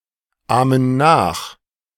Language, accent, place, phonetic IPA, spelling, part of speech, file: German, Germany, Berlin, [ˌaːmən ˈnaːx], ahmen nach, verb, De-ahmen nach.ogg
- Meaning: inflection of nachahmen: 1. first/third-person plural present 2. first/third-person plural subjunctive I